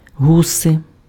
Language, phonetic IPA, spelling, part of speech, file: Ukrainian, [ˈɦuse], гуси, noun, Uk-гуси.ogg
- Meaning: geese